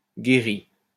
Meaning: past participle of guérir
- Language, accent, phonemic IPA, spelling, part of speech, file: French, France, /ɡe.ʁi/, guéri, verb, LL-Q150 (fra)-guéri.wav